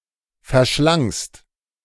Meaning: second-person singular preterite of verschlingen
- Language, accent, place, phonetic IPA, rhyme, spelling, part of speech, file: German, Germany, Berlin, [fɛɐ̯ˈʃlaŋst], -aŋst, verschlangst, verb, De-verschlangst.ogg